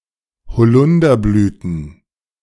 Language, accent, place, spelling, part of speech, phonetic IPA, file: German, Germany, Berlin, Holunderblüten, noun, [hoˈlʊndɐˌblyːtn̩], De-Holunderblüten.ogg
- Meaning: plural of Holunderblüte